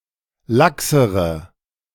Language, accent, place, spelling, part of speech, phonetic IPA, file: German, Germany, Berlin, laxere, adjective, [ˈlaksəʁə], De-laxere.ogg
- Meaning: inflection of lax: 1. strong/mixed nominative/accusative feminine singular comparative degree 2. strong nominative/accusative plural comparative degree